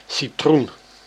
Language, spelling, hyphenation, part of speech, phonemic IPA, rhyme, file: Dutch, citroen, ci‧troen, noun, /siˈtrun/, -un, Nl-citroen.ogg
- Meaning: 1. a lemon (fruit) 2. lemon tree (Citrus limon)